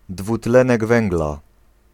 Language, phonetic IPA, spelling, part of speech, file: Polish, [dvuˈtlɛ̃nɛɡ ˈvɛ̃ŋɡla], dwutlenek węgla, noun, Pl-dwutlenek węgla.ogg